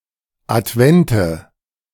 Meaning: 1. nominative/accusative/genitive plural of Advent 2. dative singular of Advent
- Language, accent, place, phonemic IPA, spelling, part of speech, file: German, Germany, Berlin, /ʔatˈvɛntə/, Advente, noun, De-Advente.ogg